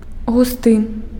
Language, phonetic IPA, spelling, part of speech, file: Belarusian, [ɣuˈstɨ], густы, adjective, Be-густы.ogg
- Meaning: dense